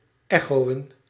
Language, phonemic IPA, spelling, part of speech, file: Dutch, /ˈɛxoːə(n)/, echoën, verb, Nl-echoën.ogg
- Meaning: to echo (to repeat back what another has just said)